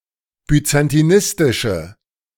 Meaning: inflection of byzantinistisch: 1. strong/mixed nominative/accusative feminine singular 2. strong nominative/accusative plural 3. weak nominative all-gender singular
- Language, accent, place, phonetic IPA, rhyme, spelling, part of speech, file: German, Germany, Berlin, [byt͡santiˈnɪstɪʃə], -ɪstɪʃə, byzantinistische, adjective, De-byzantinistische.ogg